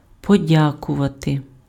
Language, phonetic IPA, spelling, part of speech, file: Ukrainian, [pɔˈdʲakʊʋɐte], подякувати, verb, Uk-подякувати.ogg
- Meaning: to thank